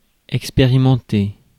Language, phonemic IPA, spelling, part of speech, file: French, /ɛk.spe.ʁi.mɑ̃.te/, expérimenté, adjective / verb, Fr-expérimenté.ogg
- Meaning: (adjective) experienced, having experience; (verb) past participle of expérimenter